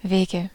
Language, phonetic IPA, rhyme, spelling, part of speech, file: German, [ˈveːɡə], -eːɡə, Wege, noun, De-Wege.ogg
- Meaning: 1. dative singular of Weg 2. nominative plural of Weg 3. genitive plural of Weg 4. accusative plural of Weg